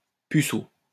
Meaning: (noun) virgin (male person who has never had sexual relations); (adjective) virgin
- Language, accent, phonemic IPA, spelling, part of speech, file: French, France, /py.so/, puceau, noun / adjective, LL-Q150 (fra)-puceau.wav